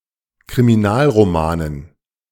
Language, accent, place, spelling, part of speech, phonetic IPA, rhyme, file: German, Germany, Berlin, Kriminalromanen, noun, [kʁimiˈnaːlʁoˌmaːnən], -aːlʁomaːnən, De-Kriminalromanen.ogg
- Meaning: dative plural of Kriminalroman